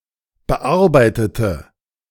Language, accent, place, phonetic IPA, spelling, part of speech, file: German, Germany, Berlin, [bəˈʔaʁbaɪ̯tətə], bearbeitete, adjective / verb, De-bearbeitete.ogg
- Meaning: inflection of bearbeiten: 1. first/third-person singular preterite 2. first/third-person singular subjunctive II